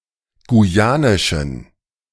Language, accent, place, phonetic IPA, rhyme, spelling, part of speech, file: German, Germany, Berlin, [ɡuˈjaːnɪʃn̩], -aːnɪʃn̩, guyanischen, adjective, De-guyanischen.ogg
- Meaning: inflection of guyanisch: 1. strong genitive masculine/neuter singular 2. weak/mixed genitive/dative all-gender singular 3. strong/weak/mixed accusative masculine singular 4. strong dative plural